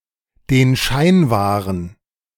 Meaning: to keep up appearances
- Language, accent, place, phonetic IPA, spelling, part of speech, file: German, Germany, Berlin, [deːn ʃaɪ̯n ˈvaːʁən], den Schein wahren, phrase, De-den Schein wahren.ogg